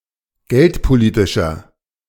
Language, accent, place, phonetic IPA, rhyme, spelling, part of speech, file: German, Germany, Berlin, [ˈɡɛltpoˌliːtɪʃɐ], -ɛltpoliːtɪʃɐ, geldpolitischer, adjective, De-geldpolitischer.ogg
- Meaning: inflection of geldpolitisch: 1. strong/mixed nominative masculine singular 2. strong genitive/dative feminine singular 3. strong genitive plural